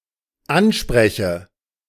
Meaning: inflection of ansprechen: 1. first-person singular dependent present 2. first/third-person singular dependent subjunctive I
- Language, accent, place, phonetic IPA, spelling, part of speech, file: German, Germany, Berlin, [ˈanˌʃpʁɛçə], anspreche, verb, De-anspreche.ogg